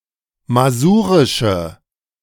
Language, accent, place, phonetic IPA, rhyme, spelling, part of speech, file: German, Germany, Berlin, [maˈzuːʁɪʃə], -uːʁɪʃə, masurische, adjective, De-masurische.ogg
- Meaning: inflection of masurisch: 1. strong/mixed nominative/accusative feminine singular 2. strong nominative/accusative plural 3. weak nominative all-gender singular